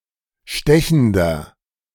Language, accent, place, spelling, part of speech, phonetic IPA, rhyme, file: German, Germany, Berlin, stechender, adjective, [ˈʃtɛçn̩dɐ], -ɛçn̩dɐ, De-stechender.ogg
- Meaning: 1. comparative degree of stechend 2. inflection of stechend: strong/mixed nominative masculine singular 3. inflection of stechend: strong genitive/dative feminine singular